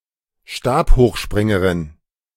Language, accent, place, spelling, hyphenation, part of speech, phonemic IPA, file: German, Germany, Berlin, Stabhochspringerin, Stab‧hoch‧sprin‧ge‧rin, noun, /ˈʃtaːphoːxˌʃpʁɪŋəʁɪn/, De-Stabhochspringerin.ogg
- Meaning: female pole vaulter